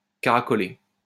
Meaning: 1. to caracole 2. go round and round, buzz round, flit about, flit around 3. to sit pretty, to be (well) ahead, nestle (appear comfortable at the top of a ranking)
- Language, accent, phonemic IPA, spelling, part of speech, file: French, France, /ka.ʁa.kɔ.le/, caracoler, verb, LL-Q150 (fra)-caracoler.wav